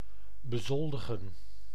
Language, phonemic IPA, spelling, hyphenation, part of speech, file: Dutch, /bəˈzɔl.də.ɣə(n)/, bezoldigen, be‧zol‧di‧gen, verb, Nl-bezoldigen.ogg
- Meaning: to pay salary to